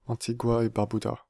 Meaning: Antigua and Barbuda (a country consisting of two islands in the Caribbean, Antigua and Barbuda, and numerous other small islands)
- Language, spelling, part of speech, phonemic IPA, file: French, Antigua-et-Barbuda, proper noun, /ɑ̃.ti.ɡwa.e.baʁ.by.da/, Fr-Antigua-et-Barbuda.ogg